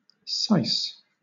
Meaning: six
- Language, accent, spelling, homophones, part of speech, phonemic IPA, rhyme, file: English, Southern England, sise, sice, noun, /saɪs/, -aɪs, LL-Q1860 (eng)-sise.wav